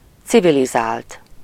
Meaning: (verb) 1. third-person singular indicative past indefinite of civilizál 2. past participle of civilizál; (adjective) civilized, refined
- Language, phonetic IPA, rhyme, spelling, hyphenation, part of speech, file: Hungarian, [ˈt͡sivilizaːlt], -aːlt, civilizált, ci‧vi‧li‧zált, verb / adjective, Hu-civilizált.ogg